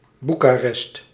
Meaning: Bucharest (the capital city of Romania)
- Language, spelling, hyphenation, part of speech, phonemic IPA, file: Dutch, Boekarest, Boe‧ka‧rest, proper noun, /ˈbu.kaːˌrɛst/, Nl-Boekarest.ogg